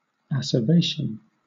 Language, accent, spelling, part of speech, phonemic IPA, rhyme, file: English, Southern England, acervation, noun, /æ.sɚˈveɪʃən/, -eɪʃən, LL-Q1860 (eng)-acervation.wav
- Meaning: A heaping up; accumulation